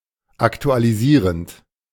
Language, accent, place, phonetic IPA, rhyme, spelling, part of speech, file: German, Germany, Berlin, [ˌaktualiˈziːʁənt], -iːʁənt, aktualisierend, verb, De-aktualisierend.ogg
- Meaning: present participle of aktualisieren